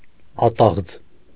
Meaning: timber (as a building or processing material)
- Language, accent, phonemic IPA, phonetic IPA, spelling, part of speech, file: Armenian, Eastern Armenian, /ɑˈtɑʁd͡z/, [ɑtɑ́ʁd͡z], ատաղձ, noun, Hy-ատաղձ.ogg